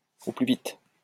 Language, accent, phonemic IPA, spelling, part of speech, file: French, France, /o ply vit/, au plus vite, adverb, LL-Q150 (fra)-au plus vite.wav
- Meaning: ASAP